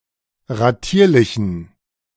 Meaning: inflection of ratierlich: 1. strong genitive masculine/neuter singular 2. weak/mixed genitive/dative all-gender singular 3. strong/weak/mixed accusative masculine singular 4. strong dative plural
- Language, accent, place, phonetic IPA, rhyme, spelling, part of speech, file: German, Germany, Berlin, [ʁaˈtiːɐ̯lɪçn̩], -iːɐ̯lɪçn̩, ratierlichen, adjective, De-ratierlichen.ogg